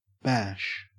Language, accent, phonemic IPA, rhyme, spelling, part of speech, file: English, Australia, /bæʃ/, -æʃ, bash, verb / noun, En-au-bash.ogg
- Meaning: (verb) 1. To strike heavily; to beat 2. To collide; used with into or together 3. To criticize harshly; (noun) 1. A forceful blow or impact 2. A large party; a gala event